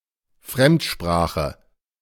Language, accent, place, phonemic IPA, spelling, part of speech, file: German, Germany, Berlin, /ˈfʁɛmtˌʃpʁaːxə/, Fremdsprache, noun, De-Fremdsprache.ogg
- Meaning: foreign language